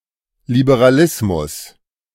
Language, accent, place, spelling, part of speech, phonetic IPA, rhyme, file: German, Germany, Berlin, Liberalismus, noun, [libeʁaˈlɪsmʊs], -ɪsmʊs, De-Liberalismus.ogg
- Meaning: liberalism